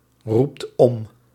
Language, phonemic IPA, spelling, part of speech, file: Dutch, /ˈrupt ˈɔm/, roept om, verb, Nl-roept om.ogg
- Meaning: inflection of omroepen: 1. second/third-person singular present indicative 2. plural imperative